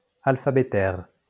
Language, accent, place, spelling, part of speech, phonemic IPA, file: French, France, Lyon, alphabétaire, adjective, /al.fa.be.tɛʁ/, LL-Q150 (fra)-alphabétaire.wav
- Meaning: synonym of alphabétique